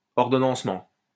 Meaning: 1. arrangement 2. scheduling 3. sequencing
- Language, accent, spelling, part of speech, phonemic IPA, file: French, France, ordonnancement, noun, /ɔʁ.dɔ.nɑ̃s.mɑ̃/, LL-Q150 (fra)-ordonnancement.wav